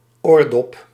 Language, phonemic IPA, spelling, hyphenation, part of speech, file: Dutch, /ˈoːr.dɔp/, oordop, oor‧dop, noun, Nl-oordop.ogg
- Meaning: 1. earplug (hearing protection) 2. ear bud (small earphone)